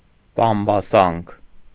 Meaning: backbite, gossip
- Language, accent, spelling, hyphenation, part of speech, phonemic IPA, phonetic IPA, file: Armenian, Eastern Armenian, բամբասանք, բամ‧բա‧սանք, noun, /bɑmbɑˈsɑnkʰ/, [bɑmbɑsɑ́ŋkʰ], Hy-բամբասանք.ogg